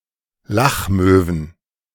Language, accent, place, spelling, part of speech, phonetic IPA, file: German, Germany, Berlin, Lachmöwen, noun, [ˈlaxˌmøːvn̩], De-Lachmöwen.ogg
- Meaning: plural of Lachmöwe